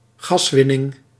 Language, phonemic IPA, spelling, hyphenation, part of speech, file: Dutch, /ˈɣɑsˌʋɪ.nɪŋ/, gaswinning, gas‧win‧ning, noun, Nl-gaswinning.ogg
- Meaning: natural gas (fossil fuel) extraction